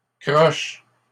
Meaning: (adjective) 1. hooked; curved 2. crooked; not straight as it should be 3. crooked; dishonest or of otherwise dubious morality; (noun) an eighth note or quaver
- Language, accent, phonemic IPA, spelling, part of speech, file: French, Canada, /kʁɔʃ/, croche, adjective / noun, LL-Q150 (fra)-croche.wav